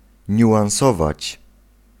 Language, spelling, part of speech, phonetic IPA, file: Polish, niuansować, verb, [ˌɲuʷãw̃ˈsɔvat͡ɕ], Pl-niuansować.ogg